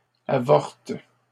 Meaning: inflection of avorter: 1. first/third-person singular present indicative/subjunctive 2. second-person singular imperative
- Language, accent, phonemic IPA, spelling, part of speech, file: French, Canada, /a.vɔʁt/, avorte, verb, LL-Q150 (fra)-avorte.wav